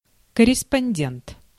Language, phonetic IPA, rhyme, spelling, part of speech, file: Russian, [kərʲɪspɐnʲˈdʲent], -ent, корреспондент, noun, Ru-корреспондент.ogg
- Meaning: 1. reporter, journalist 2. correspondent